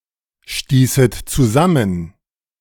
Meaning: second-person plural subjunctive II of zusammenstoßen
- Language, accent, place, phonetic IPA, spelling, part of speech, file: German, Germany, Berlin, [ˌʃtiːsət t͡suˈzamən], stießet zusammen, verb, De-stießet zusammen.ogg